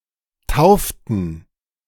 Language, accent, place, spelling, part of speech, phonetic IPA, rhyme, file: German, Germany, Berlin, tauften, verb, [ˈtaʊ̯ftn̩], -aʊ̯ftn̩, De-tauften.ogg
- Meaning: inflection of taufen: 1. first/third-person plural preterite 2. first/third-person plural subjunctive II